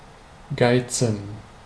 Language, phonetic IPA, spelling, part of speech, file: German, [ˈɡaitsn̩], geizen, verb, De-geizen.ogg
- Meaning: 1. to be miserly, stingy 2. to be sparing, to stint 3. to be greedy, avaricious